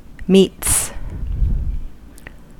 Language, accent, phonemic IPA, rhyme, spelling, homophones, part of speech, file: English, US, /miːts/, -iːts, meets, meats / metes, noun / verb / preposition, En-us-meets.ogg
- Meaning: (noun) plural of meet; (verb) third-person singular simple present indicative of meet; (preposition) Forming a combination or nexus of